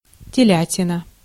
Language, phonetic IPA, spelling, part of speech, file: Russian, [tʲɪˈlʲætʲɪnə], телятина, noun, Ru-телятина.ogg
- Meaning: veal